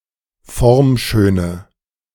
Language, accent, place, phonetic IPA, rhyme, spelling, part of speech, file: German, Germany, Berlin, [ˈfɔʁmˌʃøːnə], -ɔʁmʃøːnə, formschöne, adjective, De-formschöne.ogg
- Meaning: inflection of formschön: 1. strong/mixed nominative/accusative feminine singular 2. strong nominative/accusative plural 3. weak nominative all-gender singular